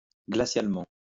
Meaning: glacially
- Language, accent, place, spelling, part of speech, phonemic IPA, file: French, France, Lyon, glacialement, adverb, /ɡla.sjal.mɑ̃/, LL-Q150 (fra)-glacialement.wav